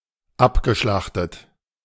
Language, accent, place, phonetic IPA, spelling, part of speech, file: German, Germany, Berlin, [ˈapɡəˌʃlaxtət], abgeschlachtet, verb, De-abgeschlachtet.ogg
- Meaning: past participle of abschlachten